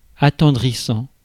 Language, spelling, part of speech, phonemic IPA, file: French, attendrissant, verb / adjective, /a.tɑ̃.dʁi.sɑ̃/, Fr-attendrissant.ogg
- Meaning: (verb) present participle of attendrir; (adjective) heart-warming